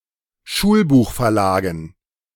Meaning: dative plural of Schulbuchverlag
- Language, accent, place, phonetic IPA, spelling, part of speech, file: German, Germany, Berlin, [ˈʃuːlbuːxfɛɐ̯ˌlaːɡn̩], Schulbuchverlagen, noun, De-Schulbuchverlagen.ogg